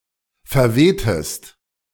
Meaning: inflection of verwehen: 1. second-person singular preterite 2. second-person singular subjunctive II
- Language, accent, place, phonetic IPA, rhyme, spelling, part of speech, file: German, Germany, Berlin, [fɛɐ̯ˈveːtəst], -eːtəst, verwehtest, verb, De-verwehtest.ogg